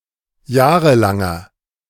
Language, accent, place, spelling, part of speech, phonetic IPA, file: German, Germany, Berlin, jahrelanger, adjective, [ˈjaːʁəlaŋɐ], De-jahrelanger.ogg
- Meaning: inflection of jahrelang: 1. strong/mixed nominative masculine singular 2. strong genitive/dative feminine singular 3. strong genitive plural